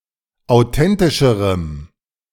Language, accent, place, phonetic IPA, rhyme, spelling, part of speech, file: German, Germany, Berlin, [aʊ̯ˈtɛntɪʃəʁəm], -ɛntɪʃəʁəm, authentischerem, adjective, De-authentischerem.ogg
- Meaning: strong dative masculine/neuter singular comparative degree of authentisch